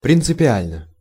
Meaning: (adverb) 1. in principle, in essence 2. fundamentally 3. on principle, on purpose; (adjective) short neuter singular of принципиа́льный (principiálʹnyj)
- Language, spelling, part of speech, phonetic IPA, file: Russian, принципиально, adverb / adjective, [prʲɪnt͡sɨpʲɪˈalʲnə], Ru-принципиально.ogg